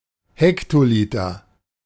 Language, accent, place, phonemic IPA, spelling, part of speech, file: German, Germany, Berlin, /ˈhɛktoˌlɪtɐ/, Hektoliter, noun, De-Hektoliter.ogg
- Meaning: hectoliter, hectolitre